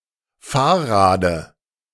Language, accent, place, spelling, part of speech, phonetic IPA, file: German, Germany, Berlin, Fahrrade, noun, [ˈfaːɐ̯ˌʁaːdə], De-Fahrrade.ogg
- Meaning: dative singular of Fahrrad